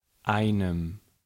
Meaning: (numeral) dative masculine/neuter singular of ein; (article) dative masculine/neuter singular of ein: a, an; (pronoun) strong dative masculine/neuter singular of einer
- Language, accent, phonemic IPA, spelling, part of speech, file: German, Germany, /ˈaɪ̯nm̩/, einem, numeral / article / pronoun, De-einem.ogg